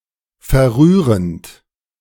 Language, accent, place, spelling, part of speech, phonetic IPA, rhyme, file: German, Germany, Berlin, verrührend, verb, [fɛɐ̯ˈʁyːʁənt], -yːʁənt, De-verrührend.ogg
- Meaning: present participle of verrühren